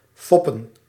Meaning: to fool, to trick, to deceive
- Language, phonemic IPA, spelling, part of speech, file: Dutch, /ˈfɔpə(n)/, foppen, verb, Nl-foppen.ogg